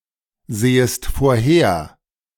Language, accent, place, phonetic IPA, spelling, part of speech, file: German, Germany, Berlin, [ˌzeːəst foːɐ̯ˈheːɐ̯], sehest vorher, verb, De-sehest vorher.ogg
- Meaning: second-person singular subjunctive I of vorhersehen